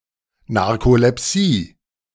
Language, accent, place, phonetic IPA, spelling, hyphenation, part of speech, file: German, Germany, Berlin, [naʁkolɛˈpsiː], Narkolepsie, Nar‧ko‧lep‧sie, noun, De-Narkolepsie.ogg
- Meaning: narcolepsy